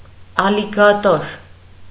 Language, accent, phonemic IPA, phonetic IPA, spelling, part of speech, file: Armenian, Eastern Armenian, /ɑliɡɑˈtoɾ/, [ɑliɡɑtóɾ], ալիգատոր, noun, Hy-ալիգատոր.ogg
- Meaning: alligator